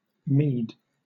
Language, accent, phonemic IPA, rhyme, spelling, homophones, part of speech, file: English, Southern England, /miːd/, -iːd, meed, mead, noun / verb, LL-Q1860 (eng)-meed.wav
- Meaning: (noun) 1. A payment or recompense made for services rendered or in recognition of some achievement; reward; award 2. A gift; bribe 3. Merit; worth; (verb) 1. To reward; bribe 2. To deserve; merit